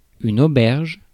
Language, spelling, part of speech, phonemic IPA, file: French, auberge, noun, /o.bɛʁʒ/, Fr-auberge.ogg
- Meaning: 1. hostel 2. prison